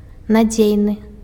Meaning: reliable, trustworthy
- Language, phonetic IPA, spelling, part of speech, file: Belarusian, [naˈd͡zʲejnɨ], надзейны, adjective, Be-надзейны.ogg